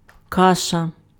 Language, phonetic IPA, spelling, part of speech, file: Ukrainian, [ˈkaʃɐ], каша, noun, Uk-каша.ogg
- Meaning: gruel, oatmeal, porridge